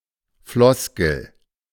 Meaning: 1. a standardised, hackneyed or meaningless expression, turn of phrase 2. platitude, truism, cliché
- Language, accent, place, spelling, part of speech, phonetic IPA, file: German, Germany, Berlin, Floskel, noun, [ˈflɔskl̩], De-Floskel.ogg